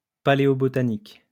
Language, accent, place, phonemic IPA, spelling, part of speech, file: French, France, Lyon, /pa.le.ɔ.bɔ.ta.nik/, paléobotanique, noun / adjective, LL-Q150 (fra)-paléobotanique.wav
- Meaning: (noun) paleobotany; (adjective) paleobotanical